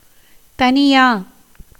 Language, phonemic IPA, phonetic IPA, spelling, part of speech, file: Tamil, /t̪ɐnɪjɑː/, [t̪ɐnɪjäː], தனியா, noun / adverb, Ta-தனியா.ogg
- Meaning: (noun) coriander seed; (adverb) Spoken Tamil form of தனியாக (taṉiyāka, “by oneself”)